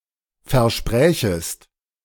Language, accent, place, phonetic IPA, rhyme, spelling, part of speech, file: German, Germany, Berlin, [fɛɐ̯ˈʃpʁɛːçəst], -ɛːçəst, versprächest, verb, De-versprächest.ogg
- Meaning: second-person singular subjunctive II of versprechen